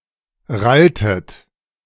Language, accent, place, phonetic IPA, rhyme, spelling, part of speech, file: German, Germany, Berlin, [ˈʁaltət], -altət, ralltet, verb, De-ralltet.ogg
- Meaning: inflection of rallen: 1. second-person plural preterite 2. second-person plural subjunctive II